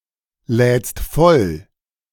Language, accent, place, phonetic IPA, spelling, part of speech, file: German, Germany, Berlin, [ˌlɛːt͡st ˈfɔl], lädst voll, verb, De-lädst voll.ogg
- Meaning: second-person singular present of vollladen